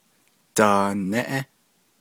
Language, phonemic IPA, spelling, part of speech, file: Navajo, /tɑ̀ːnɛ́ʔɛ́/, daanéʼé, noun, Nv-daanéʼé.ogg
- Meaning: 1. toy, plaything 2. mobile, puzzle, frisbee 3. amusement, playing